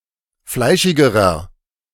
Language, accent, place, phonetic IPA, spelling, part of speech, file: German, Germany, Berlin, [ˈflaɪ̯ʃɪɡəʁɐ], fleischigerer, adjective, De-fleischigerer.ogg
- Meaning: inflection of fleischig: 1. strong/mixed nominative masculine singular comparative degree 2. strong genitive/dative feminine singular comparative degree 3. strong genitive plural comparative degree